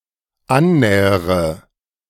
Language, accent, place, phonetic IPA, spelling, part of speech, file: German, Germany, Berlin, [ˈanˌnɛːəʁə], annähere, verb, De-annähere.ogg
- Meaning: inflection of annähern: 1. first-person singular dependent present 2. first/third-person singular dependent subjunctive I